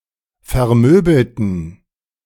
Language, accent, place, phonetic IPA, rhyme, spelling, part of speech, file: German, Germany, Berlin, [fɛɐ̯ˈmøːbl̩tn̩], -øːbl̩tn̩, vermöbelten, adjective / verb, De-vermöbelten.ogg
- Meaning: inflection of vermöbeln: 1. first/third-person plural preterite 2. first/third-person plural subjunctive II